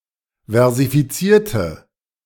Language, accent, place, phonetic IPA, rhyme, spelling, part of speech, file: German, Germany, Berlin, [vɛʁzifiˈt͡siːɐ̯tə], -iːɐ̯tə, versifizierte, adjective / verb, De-versifizierte.ogg
- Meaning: inflection of versifizieren: 1. first/third-person singular preterite 2. first/third-person singular subjunctive II